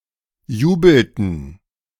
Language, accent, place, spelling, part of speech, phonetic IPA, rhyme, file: German, Germany, Berlin, jubelten, verb, [ˈjuːbl̩tn̩], -uːbl̩tn̩, De-jubelten.ogg
- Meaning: inflection of jubeln: 1. first/third-person plural preterite 2. first/third-person plural subjunctive II